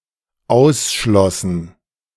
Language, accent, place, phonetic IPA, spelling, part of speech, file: German, Germany, Berlin, [ˈaʊ̯sˌʃlɔsn̩], ausschlossen, verb, De-ausschlossen.ogg
- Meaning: first/third-person plural dependent preterite of ausschließen